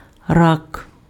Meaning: 1. crawfish, crayfish 2. cancer
- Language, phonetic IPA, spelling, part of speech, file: Ukrainian, [rak], рак, noun, Uk-рак.ogg